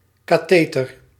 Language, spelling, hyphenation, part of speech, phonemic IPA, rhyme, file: Dutch, katheter, ka‧the‧ter, noun, /ˌkaːˈteː.tər/, -eːtər, Nl-katheter.ogg
- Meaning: catheter